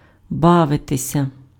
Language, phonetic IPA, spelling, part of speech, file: Ukrainian, [ˈbaʋetesʲɐ], бавитися, verb, Uk-бавитися.ogg
- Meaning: to have fun, to amuse oneself